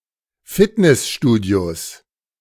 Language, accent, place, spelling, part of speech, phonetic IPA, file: German, Germany, Berlin, Fitnessstudios, noun, [ˈfɪtnɛsˌʃtuːdi̯os], De-Fitnessstudios.ogg
- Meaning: 1. genitive singular of Fitnessstudio 2. plural of Fitnessstudio